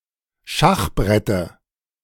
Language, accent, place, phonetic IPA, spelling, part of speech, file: German, Germany, Berlin, [ˈʃaxˌbʁɛtə], Schachbrette, noun, De-Schachbrette.ogg
- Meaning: dative of Schachbrett